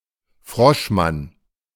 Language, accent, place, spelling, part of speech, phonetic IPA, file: German, Germany, Berlin, Froschmann, noun, [ˈfʁɔʃˌman], De-Froschmann.ogg
- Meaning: frogman: combat diver, combat swimmer